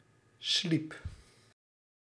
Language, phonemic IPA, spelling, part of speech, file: Dutch, /slip/, sliep, verb, Nl-sliep.ogg
- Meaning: singular past indicative of slapen